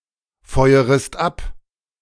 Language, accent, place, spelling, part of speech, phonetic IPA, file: German, Germany, Berlin, feuerest ab, verb, [ˌfɔɪ̯əʁəst ˈap], De-feuerest ab.ogg
- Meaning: second-person singular subjunctive I of abfeuern